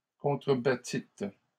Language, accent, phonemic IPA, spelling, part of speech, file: French, Canada, /kɔ̃.tʁə.ba.tit/, contrebattîtes, verb, LL-Q150 (fra)-contrebattîtes.wav
- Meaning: second-person plural past historic of contrebattre